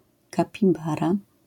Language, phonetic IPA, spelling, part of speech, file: Polish, [ˌkapʲiˈbara], kapibara, noun, LL-Q809 (pol)-kapibara.wav